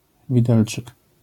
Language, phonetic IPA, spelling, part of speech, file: Polish, [vʲiˈdɛlt͡ʃɨk], widelczyk, noun, LL-Q809 (pol)-widelczyk.wav